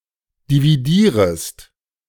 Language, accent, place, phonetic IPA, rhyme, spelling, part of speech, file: German, Germany, Berlin, [diviˈdiːʁəst], -iːʁəst, dividierest, verb, De-dividierest.ogg
- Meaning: second-person singular subjunctive I of dividieren